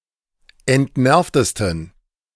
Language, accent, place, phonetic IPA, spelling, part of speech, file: German, Germany, Berlin, [ɛntˈnɛʁftəstn̩], entnervtesten, adjective, De-entnervtesten.ogg
- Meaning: 1. superlative degree of entnervt 2. inflection of entnervt: strong genitive masculine/neuter singular superlative degree